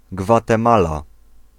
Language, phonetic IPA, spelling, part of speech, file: Polish, [ˌɡvatɛ̃ˈmala], Gwatemala, proper noun, Pl-Gwatemala.ogg